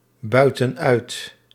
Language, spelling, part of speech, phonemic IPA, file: Dutch, buiten uit, verb, /ˈbœytə(n) ˈœyt/, Nl-buiten uit.ogg
- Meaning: inflection of uitbuiten: 1. plural present indicative 2. plural present subjunctive